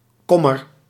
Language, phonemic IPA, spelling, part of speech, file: Dutch, /ˈkɔmər/, kommer, noun, Nl-kommer.ogg
- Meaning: 1. problems, worries, concern 2. sadness, sorrow